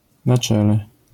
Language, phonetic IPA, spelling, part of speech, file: Polish, [na‿ˈt͡ʃɛlɛ], na czele, prepositional phrase / adverbial phrase, LL-Q809 (pol)-na czele.wav